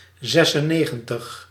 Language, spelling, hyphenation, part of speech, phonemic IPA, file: Dutch, zesennegentig, zes‧en‧ne‧gen‧tig, numeral, /ˌzɛs.ənˈneː.ɣə(n).təx/, Nl-zesennegentig.ogg
- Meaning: ninety-six